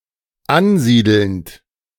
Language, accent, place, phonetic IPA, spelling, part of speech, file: German, Germany, Berlin, [ˈanˌziːdl̩nt], ansiedelnd, verb, De-ansiedelnd.ogg
- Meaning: present participle of ansiedeln